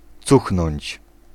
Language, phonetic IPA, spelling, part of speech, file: Polish, [ˈt͡suxnɔ̃ɲt͡ɕ], cuchnąć, verb, Pl-cuchnąć.ogg